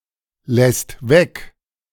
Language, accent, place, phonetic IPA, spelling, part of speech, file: German, Germany, Berlin, [ˌlɛst ˈvɛk], lässt weg, verb, De-lässt weg.ogg
- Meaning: second/third-person singular present of weglassen